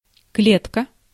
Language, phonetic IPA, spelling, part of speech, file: Russian, [ˈklʲetkə], клетка, noun, Ru-клетка.ogg
- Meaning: 1. cage, coop, cell 2. square, check (checkered pattern) 3. cell